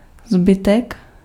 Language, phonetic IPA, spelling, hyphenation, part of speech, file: Czech, [ˈzbɪtɛk], zbytek, zby‧tek, noun, Cs-zbytek.ogg
- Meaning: 1. rest, remainder 2. remainder (in mathematics, what remains after repeatedly subtracting the divisor from the dividend)